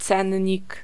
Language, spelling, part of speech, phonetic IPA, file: Polish, cennik, noun, [ˈt͡sɛ̃ɲːik], Pl-cennik.ogg